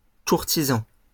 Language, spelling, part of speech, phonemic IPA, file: French, courtisan, noun, /kuʁ.ti.zɑ̃/, LL-Q150 (fra)-courtisan.wav
- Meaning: 1. courtier 2. sycophant